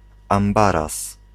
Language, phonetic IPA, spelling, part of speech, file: Polish, [ãmˈbaras], ambaras, noun, Pl-ambaras.ogg